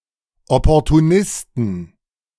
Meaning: 1. genitive singular of Opportunist 2. plural of Opportunist
- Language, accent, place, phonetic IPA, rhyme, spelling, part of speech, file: German, Germany, Berlin, [ˌɔpɔʁtuˈnɪstn̩], -ɪstn̩, Opportunisten, noun, De-Opportunisten.ogg